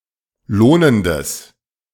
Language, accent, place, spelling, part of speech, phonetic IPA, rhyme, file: German, Germany, Berlin, lohnendes, adjective, [ˈloːnəndəs], -oːnəndəs, De-lohnendes.ogg
- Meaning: strong/mixed nominative/accusative neuter singular of lohnend